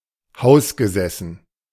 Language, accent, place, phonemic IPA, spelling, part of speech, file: German, Germany, Berlin, /ˈhaʊ̯sɡəˌzɛsn̩/, hausgesessen, adjective, De-hausgesessen.ogg
- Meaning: resident (living in his own, separate home)